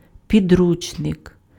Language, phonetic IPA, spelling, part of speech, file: Ukrainian, [pʲiˈdrut͡ʃnek], підручник, noun, Uk-підручник.ogg
- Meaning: textbook, coursebook, manual